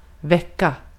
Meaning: to wake up, to wake, to awaken (cause to become awake, from sleep or more generally – compare vakna)
- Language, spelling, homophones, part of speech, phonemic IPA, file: Swedish, väcka, vecka, verb, /²vɛka/, Sv-väcka.ogg